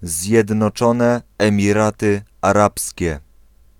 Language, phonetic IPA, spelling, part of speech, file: Polish, [ˌzʲjɛdnɔˈt͡ʃɔ̃nɛ ˌɛ̃mʲiˈratɨ aˈrapsʲcɛ], Zjednoczone Emiraty Arabskie, proper noun, Pl-Zjednoczone Emiraty Arabskie.ogg